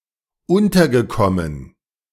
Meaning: past participle of unterkommen
- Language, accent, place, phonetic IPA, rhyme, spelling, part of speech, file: German, Germany, Berlin, [ˈʊntɐɡəˌkɔmən], -ʊntɐɡəkɔmən, untergekommen, verb, De-untergekommen.ogg